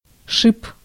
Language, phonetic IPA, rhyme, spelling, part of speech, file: Russian, [ʂɨp], -ɨp, шип, noun, Ru-шип.ogg
- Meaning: 1. thorn, spine 2. stud (small object that protrudes from something) 3. cleat (protrusion on the sole of a shoe) 4. tenon, pin 5. journal (part of a shaft or axle that rests on bearings)